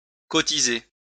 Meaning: to contribute, subscribe (to)
- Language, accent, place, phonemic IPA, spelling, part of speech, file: French, France, Lyon, /kɔ.ti.ze/, cotiser, verb, LL-Q150 (fra)-cotiser.wav